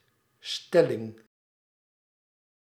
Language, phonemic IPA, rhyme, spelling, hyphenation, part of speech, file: Dutch, /ˈstɛ.lɪŋ/, -ɛlɪŋ, stelling, stel‧ling, noun, Nl-stelling.ogg
- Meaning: 1. position, configuration 2. thesis, contention 3. sentence 4. theorem 5. scaffold 6. shelving unit